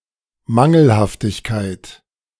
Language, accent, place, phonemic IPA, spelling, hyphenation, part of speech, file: German, Germany, Berlin, /ˈmaŋl̩haftɪçkaɪ̯t/, Mangelhaftigkeit, Man‧gel‧haft‧ig‧keit, noun, De-Mangelhaftigkeit.ogg
- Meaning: 1. deficiency 2. defectiveness